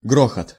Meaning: 1. crash, din, thunder, roar (of weapons), rumble, roll, rattle 2. riddle, screen, sifter
- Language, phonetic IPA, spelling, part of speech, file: Russian, [ˈɡroxət], грохот, noun, Ru-грохот.ogg